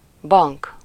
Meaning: 1. bank (financial institution) 2. bank (the sum of money etc. which the dealer or banker has as a fund from which to draw stakes and pay losses)
- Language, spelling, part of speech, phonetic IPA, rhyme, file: Hungarian, bank, noun, [ˈbɒŋk], -ɒŋk, Hu-bank.ogg